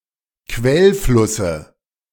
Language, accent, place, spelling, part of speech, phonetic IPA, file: German, Germany, Berlin, Quellflusse, noun, [ˈkvɛlˌflʊsə], De-Quellflusse.ogg
- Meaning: dative of Quellfluss